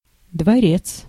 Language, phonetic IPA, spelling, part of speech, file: Russian, [dvɐˈrʲet͡s], дворец, noun, Ru-дворец.ogg
- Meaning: palace